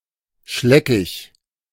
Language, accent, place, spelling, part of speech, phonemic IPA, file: German, Germany, Berlin, schleckig, adjective, /ˈʃlɛkɪç/, De-schleckig.ogg
- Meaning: appetising